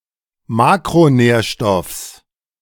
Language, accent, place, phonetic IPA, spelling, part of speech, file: German, Germany, Berlin, [ˈmaːkʁoˌnɛːɐ̯ʃtɔfs], Makronährstoffs, noun, De-Makronährstoffs.ogg
- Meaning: genitive singular of Makronährstoff